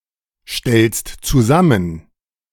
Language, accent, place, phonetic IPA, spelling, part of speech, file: German, Germany, Berlin, [ˌʃtɛlst t͡suˈzamən], stellst zusammen, verb, De-stellst zusammen.ogg
- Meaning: second-person singular present of zusammenstellen